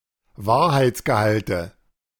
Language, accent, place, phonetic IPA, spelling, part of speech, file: German, Germany, Berlin, [ˈvaːɐ̯haɪ̯t͡sɡəˌhaltə], Wahrheitsgehalte, noun, De-Wahrheitsgehalte.ogg
- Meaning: nominative/accusative/genitive plural of Wahrheitsgehalt